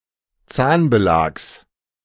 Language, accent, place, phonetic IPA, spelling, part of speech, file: German, Germany, Berlin, [ˈt͡saːnbəˌlaːks], Zahnbelags, noun, De-Zahnbelags.ogg
- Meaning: genitive singular of Zahnbelag